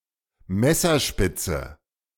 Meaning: 1. knife tip 2. an imprecise amount of a (chiefly powdery) ingredient; a pinch; as much as would fit on the tip of a knife
- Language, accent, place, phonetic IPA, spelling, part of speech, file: German, Germany, Berlin, [ˈmɛsɐˌʃpɪt͡sə], Messerspitze, noun, De-Messerspitze.ogg